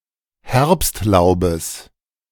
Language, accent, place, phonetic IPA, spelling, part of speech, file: German, Germany, Berlin, [ˈhɛʁpstˌlaʊ̯bəs], Herbstlaubes, noun, De-Herbstlaubes.ogg
- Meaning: genitive of Herbstlaub